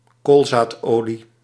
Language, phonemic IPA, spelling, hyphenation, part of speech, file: Dutch, /ˈkoːl.zaːtˌoː.li/, koolzaadolie, kool‧zaad‧olie, noun, Nl-koolzaadolie.ogg
- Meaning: rapeseed oil